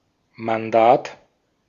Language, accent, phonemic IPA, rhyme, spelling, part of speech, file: German, Austria, /manˈdaːt/, -aːt, Mandat, noun, De-at-Mandat.ogg
- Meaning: mandate (official command)